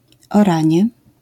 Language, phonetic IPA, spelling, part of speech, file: Polish, [ɔˈrãɲjɛ], oranie, noun, LL-Q809 (pol)-oranie.wav